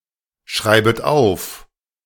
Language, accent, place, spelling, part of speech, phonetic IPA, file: German, Germany, Berlin, schreibet auf, verb, [ˌʃʁaɪ̯bət ˈaʊ̯f], De-schreibet auf.ogg
- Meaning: second-person plural subjunctive I of aufschreiben